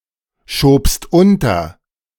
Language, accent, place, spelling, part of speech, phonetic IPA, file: German, Germany, Berlin, schobst unter, verb, [ˌʃoːpst ˈʊntɐ], De-schobst unter.ogg
- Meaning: second-person singular preterite of unterschieben